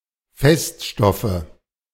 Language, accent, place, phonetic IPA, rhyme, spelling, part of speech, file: German, Germany, Berlin, [ˈfɛstˌʃtɔfə], -ɛstʃtɔfə, Feststoffe, noun, De-Feststoffe.ogg
- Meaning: nominative/accusative/genitive plural of Feststoff